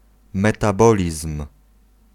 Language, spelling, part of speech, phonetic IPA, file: Polish, metabolizm, noun, [ˌmɛtaˈbɔlʲism̥], Pl-metabolizm.ogg